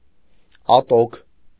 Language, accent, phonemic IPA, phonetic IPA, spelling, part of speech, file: Armenian, Eastern Armenian, /ɑˈtokʰ/, [ɑtókʰ], ատոք, adjective, Hy-ատոք.ogg
- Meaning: full, full-grown, fat, ripe (usually of seeds)